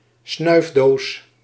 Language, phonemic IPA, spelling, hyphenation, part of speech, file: Dutch, /ˈsnœy̯f.doːs/, snuifdoos, snuif‧doos, noun, Nl-snuifdoos.ogg
- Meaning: snuffbox